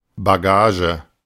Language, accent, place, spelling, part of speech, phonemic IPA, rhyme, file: German, Germany, Berlin, Bagage, noun, /baˈɡaːʒə/, -aːʒə, De-Bagage.ogg
- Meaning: 1. baggage 2. rabble, lot, riffraff 3. baggage, luggage